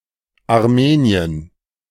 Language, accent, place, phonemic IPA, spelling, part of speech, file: German, Germany, Berlin, /aʁˈmeːni̯ən/, Armenien, proper noun, De-Armenien.ogg
- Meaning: Armenia (a country in the South Caucasus region of Asia, sometimes considered to belong politically to Europe)